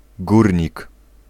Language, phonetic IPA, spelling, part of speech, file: Polish, [ˈɡurʲɲik], górnik, noun, Pl-górnik.ogg